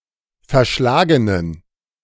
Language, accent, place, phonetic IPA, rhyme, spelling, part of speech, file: German, Germany, Berlin, [fɛɐ̯ˈʃlaːɡənən], -aːɡənən, verschlagenen, adjective, De-verschlagenen.ogg
- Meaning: inflection of verschlagen: 1. strong genitive masculine/neuter singular 2. weak/mixed genitive/dative all-gender singular 3. strong/weak/mixed accusative masculine singular 4. strong dative plural